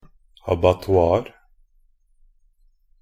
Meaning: an abattoir (a public slaughterhouse for cattle, sheep, etc.)
- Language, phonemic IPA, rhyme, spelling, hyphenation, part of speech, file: Norwegian Bokmål, /abatɔˈɑːr/, -ɑːr, abattoir, a‧bat‧toir, noun, Nb-abattoir.ogg